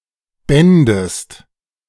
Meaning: second-person singular subjunctive II of binden
- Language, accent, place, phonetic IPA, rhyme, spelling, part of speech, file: German, Germany, Berlin, [ˈbɛndəst], -ɛndəst, bändest, verb, De-bändest.ogg